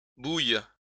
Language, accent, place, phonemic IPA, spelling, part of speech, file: French, France, Lyon, /buj/, bouillent, verb, LL-Q150 (fra)-bouillent.wav
- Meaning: third-person plural present indicative/subjunctive of bouillir